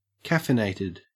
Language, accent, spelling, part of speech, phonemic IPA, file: English, Australia, caffeinated, adjective / verb, /ˈkafɪneɪtɪd/, En-au-caffeinated.ogg
- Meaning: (adjective) 1. Containing caffeine naturally (e.g., coffee, tea, and cacao) or as an additive (e.g., soft drinks, sports drinks, or energy drinks) 2. Overly peppy or energetic; stimulated by caffeine